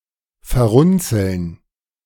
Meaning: to become wrinkled
- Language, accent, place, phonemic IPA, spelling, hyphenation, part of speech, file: German, Germany, Berlin, /fɛɐ̯ˈʁʊnt͡sl̩n/, verrunzeln, ver‧run‧zeln, verb, De-verrunzeln.ogg